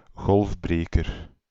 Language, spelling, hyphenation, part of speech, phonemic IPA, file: Dutch, golfbreker, golf‧bre‧ker, noun, /ˈɣɔlfˌbreː.kər/, Nl-golfbreker.ogg
- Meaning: 1. breakwater 2. transversal dam built on a sandbeach to slow its erosion